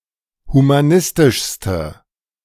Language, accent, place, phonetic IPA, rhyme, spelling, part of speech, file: German, Germany, Berlin, [humaˈnɪstɪʃstə], -ɪstɪʃstə, humanistischste, adjective, De-humanistischste.ogg
- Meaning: inflection of humanistisch: 1. strong/mixed nominative/accusative feminine singular superlative degree 2. strong nominative/accusative plural superlative degree